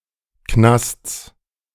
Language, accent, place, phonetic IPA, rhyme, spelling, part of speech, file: German, Germany, Berlin, [knast͡s], -ast͡s, Knasts, noun, De-Knasts.ogg
- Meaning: genitive singular of Knast